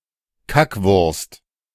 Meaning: a piece of feces that has roughly the form of a sausage
- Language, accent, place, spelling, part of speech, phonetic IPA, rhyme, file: German, Germany, Berlin, Kackwurst, noun, [ˈkakvʊʁst], -akvʊʁst, De-Kackwurst.ogg